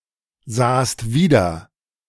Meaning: second-person singular preterite of wiedersehen
- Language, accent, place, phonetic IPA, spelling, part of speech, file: German, Germany, Berlin, [ˌzaːst ˈviːdɐ], sahst wieder, verb, De-sahst wieder.ogg